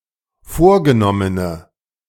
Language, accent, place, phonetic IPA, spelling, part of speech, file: German, Germany, Berlin, [ˈfoːɐ̯ɡəˌnɔmənə], vorgenommene, adjective, De-vorgenommene.ogg
- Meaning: inflection of vorgenommen: 1. strong/mixed nominative/accusative feminine singular 2. strong nominative/accusative plural 3. weak nominative all-gender singular